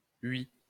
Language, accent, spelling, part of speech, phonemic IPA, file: French, France, huis, noun, /ɥi/, LL-Q150 (fra)-huis.wav
- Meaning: a door, access